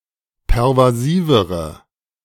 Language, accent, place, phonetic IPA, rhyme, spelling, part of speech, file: German, Germany, Berlin, [pɛʁvaˈziːvəʁə], -iːvəʁə, pervasivere, adjective, De-pervasivere.ogg
- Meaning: inflection of pervasiv: 1. strong/mixed nominative/accusative feminine singular comparative degree 2. strong nominative/accusative plural comparative degree